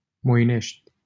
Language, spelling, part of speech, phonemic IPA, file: Romanian, Moinești, proper noun, /mojˈneʃtʲ/, LL-Q7913 (ron)-Moinești.wav
- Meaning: a city in Bacău County, Romania